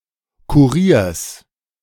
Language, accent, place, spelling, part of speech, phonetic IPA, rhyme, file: German, Germany, Berlin, Kuriers, noun, [kuˈʁiːɐ̯s], -iːɐ̯s, De-Kuriers.ogg
- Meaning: genitive singular of Kurier